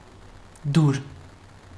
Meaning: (noun) chisel; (adjective) 1. flat, level 2. easy, convenient 3. pleasant
- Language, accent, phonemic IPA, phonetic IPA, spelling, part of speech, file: Armenian, Eastern Armenian, /duɾ/, [duɾ], դուր, noun / adjective, Hy-դուր.ogg